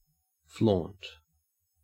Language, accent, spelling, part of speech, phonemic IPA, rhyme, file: English, Australia, flaunt, verb / noun, /flɔnt/, -ɔːnt, En-au-flaunt.ogg
- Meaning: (verb) 1. To wave or flutter smartly in the wind 2. To parade, display with ostentation 3. To show off, as with flashy clothing; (noun) Anything displayed for show; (verb) To flout